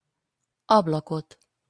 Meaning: accusative singular of ablak
- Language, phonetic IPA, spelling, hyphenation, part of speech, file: Hungarian, [ˈɒblɒkot], ablakot, ab‧la‧kot, noun, Hu-ablakot.opus